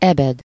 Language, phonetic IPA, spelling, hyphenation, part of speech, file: Hungarian, [ˈɛbɛd], ebed, ebed, noun, Hu-ebed.ogg
- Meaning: second-person singular single-possession possessive of eb